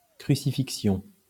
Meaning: 1. crucifixion (an execution by being nailed or tied to an upright cross and left to hang there until dead) 2. torture, torment, ordeal
- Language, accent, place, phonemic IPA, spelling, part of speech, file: French, France, Lyon, /kʁy.si.fik.sjɔ̃/, crucifixion, noun, LL-Q150 (fra)-crucifixion.wav